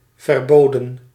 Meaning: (adjective) forbidden, prohibited; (verb) 1. inflection of verbieden: plural past indicative 2. inflection of verbieden: plural past subjunctive 3. past participle of verbieden
- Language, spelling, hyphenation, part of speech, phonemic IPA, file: Dutch, verboden, ver‧bo‧den, adjective / verb / noun, /vərˈboː.də(n)/, Nl-verboden.ogg